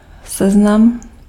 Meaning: 1. a list (a register of items) 2. a list
- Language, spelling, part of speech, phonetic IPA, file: Czech, seznam, noun, [ˈsɛznam], Cs-seznam.ogg